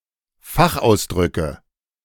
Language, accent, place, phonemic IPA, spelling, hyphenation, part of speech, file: German, Germany, Berlin, /ˈfaxˌʔaʊ̯sdʁʏkə/, Fachausdrücke, Fach‧aus‧drü‧cke, noun, De-Fachausdrücke.ogg
- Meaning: nominative/accusative/genitive plural of Fachausdruck